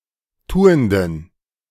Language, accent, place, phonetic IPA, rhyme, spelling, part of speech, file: German, Germany, Berlin, [ˈtuːəndn̩], -uːəndn̩, tuenden, adjective, De-tuenden.ogg
- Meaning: inflection of tuend: 1. strong genitive masculine/neuter singular 2. weak/mixed genitive/dative all-gender singular 3. strong/weak/mixed accusative masculine singular 4. strong dative plural